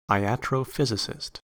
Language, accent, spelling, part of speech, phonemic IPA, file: English, US, iatrophysicist, noun, /aɪˌæt.ɹoʊˈfɪz.ə.sɪst/, En-us-iatrophysicist.ogg
- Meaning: A physician who was a follower of iatrophysics